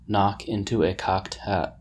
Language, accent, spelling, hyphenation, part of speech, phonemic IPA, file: English, General American, knock into a cocked hat, knock in‧to a cocked hat, verb, /ˈnɑk ˌɪntu ə ˌkɑkt ˈhæt/, En-us-knock into a cocked hat.oga
- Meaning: 1. To beat up or seriously injure (a person); to badly damage (a thing) 2. To completely demolish, nullify, overthrow, or otherwise defeat (a person; an argument, idea, or proposition; or a thing)